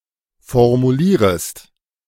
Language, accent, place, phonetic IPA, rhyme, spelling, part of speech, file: German, Germany, Berlin, [fɔʁmuˈliːʁəst], -iːʁəst, formulierest, verb, De-formulierest.ogg
- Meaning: second-person singular subjunctive I of formulieren